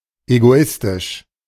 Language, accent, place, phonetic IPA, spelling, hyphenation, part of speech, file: German, Germany, Berlin, [eɡoˈɪstɪʃ], egoistisch, ego‧is‧tisch, adjective, De-egoistisch.ogg
- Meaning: egoistic